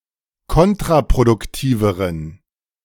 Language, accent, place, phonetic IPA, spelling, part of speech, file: German, Germany, Berlin, [ˈkɔntʁapʁodʊkˌtiːvəʁən], kontraproduktiveren, adjective, De-kontraproduktiveren.ogg
- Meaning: inflection of kontraproduktiv: 1. strong genitive masculine/neuter singular comparative degree 2. weak/mixed genitive/dative all-gender singular comparative degree